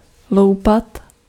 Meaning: to peel (to remove a peel)
- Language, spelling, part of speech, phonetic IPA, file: Czech, loupat, verb, [ˈlou̯pat], Cs-loupat.ogg